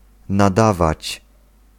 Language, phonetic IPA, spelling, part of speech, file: Polish, [naˈdavat͡ɕ], nadawać, verb, Pl-nadawać.ogg